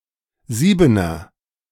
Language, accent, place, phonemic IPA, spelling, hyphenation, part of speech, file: German, Germany, Berlin, /ˈziːbənɐ/, Siebener, Sie‧be‧ner, noun, De-Siebener.ogg
- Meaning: something with a number, value or size of seven